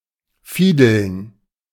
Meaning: to fiddle, to play a string instrument (usually badly)
- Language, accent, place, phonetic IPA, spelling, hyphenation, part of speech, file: German, Germany, Berlin, [ˈfiːdl̩n], fiedeln, fie‧deln, verb, De-fiedeln.ogg